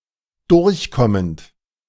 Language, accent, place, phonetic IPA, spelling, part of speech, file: German, Germany, Berlin, [ˈdʊʁçˌkɔmənt], durchkommend, verb, De-durchkommend.ogg
- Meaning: present participle of durchkommen